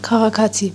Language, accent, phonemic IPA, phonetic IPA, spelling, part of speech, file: Armenian, Eastern Armenian, /kʰɑʁɑkʰɑˈt͡sʰi/, [kʰɑʁɑkʰɑt͡sʰí], քաղաքացի, noun, Hy-քաղաքացի.ogg
- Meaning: 1. citizen 2. town dweller, city dweller